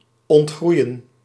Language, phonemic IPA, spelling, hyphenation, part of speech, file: Dutch, /ˌɔntˈɣrui̯ə(n)/, ontgroeien, ont‧groe‧ien, verb, Nl-ontgroeien.ogg
- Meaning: 1. to outgrow (to become too big or mature for some object, practice, condition, belief, etc) 2. to outgrow (to grow faster or taller than someone or something else)